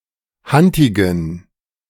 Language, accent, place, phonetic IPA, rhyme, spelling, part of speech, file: German, Germany, Berlin, [ˈhantɪɡn̩], -antɪɡn̩, hantigen, adjective, De-hantigen.ogg
- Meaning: inflection of hantig: 1. strong genitive masculine/neuter singular 2. weak/mixed genitive/dative all-gender singular 3. strong/weak/mixed accusative masculine singular 4. strong dative plural